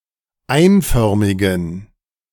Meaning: inflection of einförmig: 1. strong genitive masculine/neuter singular 2. weak/mixed genitive/dative all-gender singular 3. strong/weak/mixed accusative masculine singular 4. strong dative plural
- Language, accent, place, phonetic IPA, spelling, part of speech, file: German, Germany, Berlin, [ˈaɪ̯nˌfœʁmɪɡn̩], einförmigen, adjective, De-einförmigen.ogg